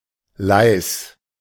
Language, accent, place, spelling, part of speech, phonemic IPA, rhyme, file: German, Germany, Berlin, leis, adjective, /laɪ̯s/, -aɪ̯s, De-leis.ogg
- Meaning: alternative form of leise